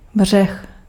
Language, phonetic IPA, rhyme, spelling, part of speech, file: Czech, [ˈbr̝ɛx], -ɛx, břeh, noun, Cs-břeh.ogg
- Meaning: 1. bank, shore (edge of river or lake) 2. shore, coast (edge of sea)